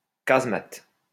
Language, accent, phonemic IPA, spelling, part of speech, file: French, France, /kaz.mat/, casemate, noun, LL-Q150 (fra)-casemate.wav
- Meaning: pillbox, blockhouse